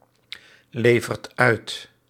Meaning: inflection of uitleveren: 1. second/third-person singular present indicative 2. plural imperative
- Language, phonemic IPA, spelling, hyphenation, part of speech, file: Dutch, /ˌleː.vərt ˈœy̯t/, levert uit, le‧vert uit, verb, Nl-levert uit.ogg